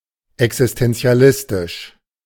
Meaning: existentialistic
- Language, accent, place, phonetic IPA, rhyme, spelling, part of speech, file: German, Germany, Berlin, [ɛksɪstɛnt͡si̯aˈlɪstɪʃ], -ɪstɪʃ, existenzialistisch, adjective, De-existenzialistisch.ogg